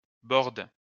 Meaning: inflection of border: 1. first/third-person singular present indicative/subjunctive 2. second-person singular imperative
- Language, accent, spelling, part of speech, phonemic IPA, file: French, France, borde, verb, /bɔʁd/, LL-Q150 (fra)-borde.wav